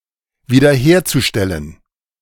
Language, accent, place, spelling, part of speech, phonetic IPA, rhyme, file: German, Germany, Berlin, wiederherzustellen, verb, [viːdɐˈheːɐ̯t͡suˌʃtɛlən], -eːɐ̯t͡suʃtɛlən, De-wiederherzustellen.ogg
- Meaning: zu-infinitive of wiederherstellen